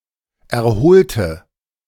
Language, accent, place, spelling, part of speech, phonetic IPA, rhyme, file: German, Germany, Berlin, erholte, adjective / verb, [ɛɐ̯ˈhoːltə], -oːltə, De-erholte.ogg
- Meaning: inflection of erholen: 1. first/third-person singular preterite 2. first/third-person singular subjunctive II